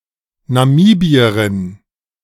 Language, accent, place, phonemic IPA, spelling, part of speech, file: German, Germany, Berlin, /naˈmiːbiɐʁɪn/, Namibierin, noun, De-Namibierin.ogg
- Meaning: female equivalent of Namibier: female Namibian (a female person from Namibia or of Namibian descent)